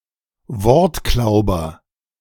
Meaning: quibbler (esp. of definitions)
- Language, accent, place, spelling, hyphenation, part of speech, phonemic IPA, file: German, Germany, Berlin, Wortklauber, Wort‧klau‧ber, noun, /ˈvɔʁtˌklaʊ̯bɐ/, De-Wortklauber.ogg